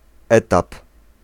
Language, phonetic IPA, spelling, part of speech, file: Polish, [ˈɛtap], etap, noun, Pl-etap.ogg